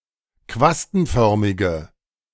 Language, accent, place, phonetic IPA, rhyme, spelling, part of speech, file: German, Germany, Berlin, [ˈkvastn̩ˌfœʁmɪɡə], -astn̩fœʁmɪɡə, quastenförmige, adjective, De-quastenförmige.ogg
- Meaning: inflection of quastenförmig: 1. strong/mixed nominative/accusative feminine singular 2. strong nominative/accusative plural 3. weak nominative all-gender singular